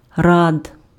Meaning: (noun) genitive plural of ра́да (ráda); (adjective) short masculine singular of ра́дий (rádyj)
- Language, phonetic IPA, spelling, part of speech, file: Ukrainian, [rad], рад, noun / adjective, Uk-рад.ogg